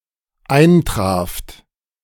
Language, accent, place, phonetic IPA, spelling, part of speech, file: German, Germany, Berlin, [ˈaɪ̯nˌtʁaːft], eintraft, verb, De-eintraft.ogg
- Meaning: second-person plural dependent preterite of eintreffen